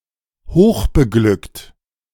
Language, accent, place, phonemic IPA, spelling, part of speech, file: German, Germany, Berlin, /ˈhoːχbəˌɡlʏkt/, hochbeglückt, adjective, De-hochbeglückt.ogg
- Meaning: overjoyed (very happy)